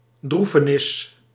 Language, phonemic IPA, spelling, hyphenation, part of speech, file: Dutch, /ˈdru.fəˌnɪs/, droefenis, droe‧fe‧nis, noun, Nl-droefenis.ogg
- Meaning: sadness